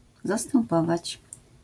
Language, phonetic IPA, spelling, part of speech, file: Polish, [ˌzastɛ̃mˈpɔvat͡ɕ], zastępować, verb, LL-Q809 (pol)-zastępować.wav